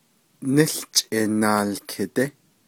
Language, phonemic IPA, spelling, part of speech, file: Navajo, /nɪ́ɬt͡ʃʼɪ̀ nɑ̀ːlkʰɪ̀tɪ́/, níłchʼi naalkidí, noun, Nv-níłchʼi naalkidí.ogg
- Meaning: television